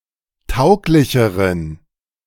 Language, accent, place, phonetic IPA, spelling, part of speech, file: German, Germany, Berlin, [ˈtaʊ̯klɪçəʁən], tauglicheren, adjective, De-tauglicheren.ogg
- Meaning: inflection of tauglich: 1. strong genitive masculine/neuter singular comparative degree 2. weak/mixed genitive/dative all-gender singular comparative degree